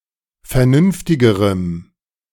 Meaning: strong dative masculine/neuter singular comparative degree of vernünftig
- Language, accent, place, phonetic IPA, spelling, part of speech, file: German, Germany, Berlin, [fɛɐ̯ˈnʏnftɪɡəʁəm], vernünftigerem, adjective, De-vernünftigerem.ogg